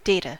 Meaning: plural of datum
- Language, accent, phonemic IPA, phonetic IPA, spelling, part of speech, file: English, US, /ˈdætə/, [ˈdeɪɾə], data, noun, En-us-data1.ogg